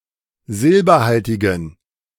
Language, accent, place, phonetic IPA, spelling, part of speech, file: German, Germany, Berlin, [ˈzɪlbɐˌhaltɪɡn̩], silberhaltigen, adjective, De-silberhaltigen.ogg
- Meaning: inflection of silberhaltig: 1. strong genitive masculine/neuter singular 2. weak/mixed genitive/dative all-gender singular 3. strong/weak/mixed accusative masculine singular 4. strong dative plural